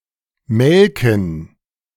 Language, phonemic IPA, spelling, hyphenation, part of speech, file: German, /ˈmɛlkən/, melken, mel‧ken, verb, De-melken2.ogg
- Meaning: 1. to milk (a cow, goat etc.) 2. to drain; to draw from (someone or something), especially without consent; to milk (someone) for money, information, etc